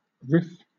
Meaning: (noun) 1. A repeated melody line in a song, usually instrumental but sometimes vocal 2. A clever or witty remark 3. A variation on something 4. A spoof
- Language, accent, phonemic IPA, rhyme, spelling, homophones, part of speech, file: English, Southern England, /ɹɪf/, -ɪf, riff, Rif, noun / verb, LL-Q1860 (eng)-riff.wav